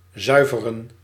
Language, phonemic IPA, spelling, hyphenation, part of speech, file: Dutch, /ˈzœy̯.və.rə(n)/, zuiveren, zui‧ve‧ren, verb, Nl-zuiveren.ogg
- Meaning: to cleanse, purify